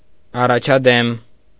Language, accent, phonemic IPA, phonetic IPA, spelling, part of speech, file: Armenian, Eastern Armenian, /ɑrɑt͡ʃʰɑˈdem/, [ɑrɑt͡ʃʰɑdém], առաջադեմ, adjective, Hy-առաջադեմ.ogg
- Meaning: 1. advanced, precocious (in learning or understanding) 2. developed, educated